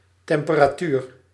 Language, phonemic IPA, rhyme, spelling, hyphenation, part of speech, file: Dutch, /tɛm.pə.raːˈtyːr/, -yːr, temperatuur, tem‧pe‧ra‧tuur, noun / verb, Nl-temperatuur.ogg
- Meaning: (noun) temperature (measure of cold or heat); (verb) inflection of temperaturen: 1. first-person singular present indicative 2. second-person singular present indicative 3. imperative